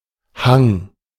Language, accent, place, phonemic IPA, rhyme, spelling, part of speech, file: German, Germany, Berlin, /haŋ/, -aŋ, Hang, noun, De-Hang.ogg
- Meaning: 1. slope, hill, hillside 2. inclination; propensity; bias; a disposition, or liability towards something/someone